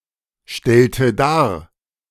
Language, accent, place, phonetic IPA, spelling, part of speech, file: German, Germany, Berlin, [ˌʃtɛltə ˈdaːɐ̯], stellte dar, verb, De-stellte dar.ogg
- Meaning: inflection of darstellen: 1. first/third-person singular preterite 2. first/third-person singular subjunctive II